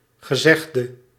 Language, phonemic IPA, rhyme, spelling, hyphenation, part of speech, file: Dutch, /ɣəˈzɛx.də/, -ɛxdə, gezegde, ge‧zeg‧de, verb / noun, Nl-gezegde.ogg
- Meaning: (verb) inflection of gezegd: 1. masculine/feminine singular attributive 2. definite neuter singular attributive 3. plural attributive; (noun) 1. saying, proverb 2. predicate